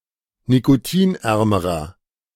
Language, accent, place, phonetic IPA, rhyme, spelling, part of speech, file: German, Germany, Berlin, [nikoˈtiːnˌʔɛʁməʁɐ], -iːnʔɛʁməʁɐ, nikotinärmerer, adjective, De-nikotinärmerer.ogg
- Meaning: inflection of nikotinarm: 1. strong/mixed nominative masculine singular comparative degree 2. strong genitive/dative feminine singular comparative degree 3. strong genitive plural comparative degree